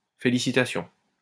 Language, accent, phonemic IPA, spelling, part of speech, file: French, France, /fe.li.si.ta.sjɔ̃/, félicitations, noun / interjection, LL-Q150 (fra)-félicitations.wav
- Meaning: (noun) plural of félicitation; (interjection) felicitations, congratulations, well done